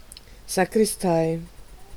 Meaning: sacristy (room in a church where sacred vessels, books, vestments, etc. are kept)
- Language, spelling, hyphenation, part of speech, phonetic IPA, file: German, Sakristei, Sa‧kris‧tei, noun, [za.kʁɪsˈtaɪ̯], De-Sakristei.ogg